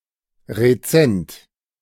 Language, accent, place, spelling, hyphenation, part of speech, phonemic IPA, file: German, Germany, Berlin, rezent, re‧zent, adjective, /ʁeˈt͡sɛnt/, De-rezent.ogg
- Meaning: 1. recent; of or from a time not long ago 2. extant 3. savoury